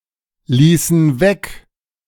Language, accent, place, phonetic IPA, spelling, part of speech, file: German, Germany, Berlin, [ˌliːsn̩ ˈvɛk], ließen weg, verb, De-ließen weg.ogg
- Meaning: inflection of weglassen: 1. first/third-person plural preterite 2. first/third-person plural subjunctive II